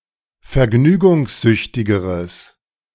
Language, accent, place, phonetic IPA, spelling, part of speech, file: German, Germany, Berlin, [fɛɐ̯ˈɡnyːɡʊŋsˌzʏçtɪɡəʁəs], vergnügungssüchtigeres, adjective, De-vergnügungssüchtigeres.ogg
- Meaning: strong/mixed nominative/accusative neuter singular comparative degree of vergnügungssüchtig